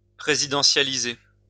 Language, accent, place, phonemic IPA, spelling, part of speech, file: French, France, Lyon, /pʁe.zi.dɑ̃.sja.li.ze/, présidentialiser, verb, LL-Q150 (fra)-présidentialiser.wav
- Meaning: to make presidential